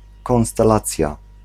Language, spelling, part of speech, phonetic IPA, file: Polish, konstelacja, noun, [ˌkɔ̃w̃stɛˈlat͡sʲja], Pl-konstelacja.ogg